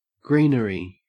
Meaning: 1. Green foliage or verdure 2. Foliage used as decoration 3. Marijuana
- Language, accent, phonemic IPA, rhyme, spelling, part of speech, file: English, Australia, /ˈɡɹiːnəɹi/, -iːnəɹi, greenery, noun, En-au-greenery.ogg